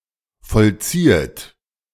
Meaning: second-person plural subjunctive I of vollziehen
- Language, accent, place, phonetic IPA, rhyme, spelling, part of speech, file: German, Germany, Berlin, [fɔlˈt͡siːət], -iːət, vollziehet, verb, De-vollziehet.ogg